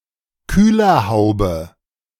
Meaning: bonnet (UK), hood (US)
- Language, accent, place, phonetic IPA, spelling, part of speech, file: German, Germany, Berlin, [ˈkyːlɐˌhaʊ̯bə], Kühlerhaube, noun, De-Kühlerhaube.ogg